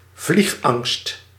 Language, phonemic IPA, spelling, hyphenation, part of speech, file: Dutch, /ˈvlix.ɑŋst/, vliegangst, vlieg‧angst, noun, Nl-vliegangst.ogg
- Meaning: fear of flying